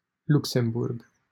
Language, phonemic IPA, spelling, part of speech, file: Romanian, /ˈluk.sem.burɡ/, Luxemburg, proper noun, LL-Q7913 (ron)-Luxemburg.wav
- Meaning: 1. Luxembourg (a small country in Western Europe) 2. Luxembourg (a province of Wallonia, Belgium) 3. Luxembourg, Luxembourg City (the capital city of Luxembourg)